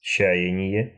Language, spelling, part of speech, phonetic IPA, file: Russian, чаяние, noun, [ˈt͡ɕæ(j)ɪnʲɪje], Ru-чаяние.ogg
- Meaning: expectation, hope, dream, aspiration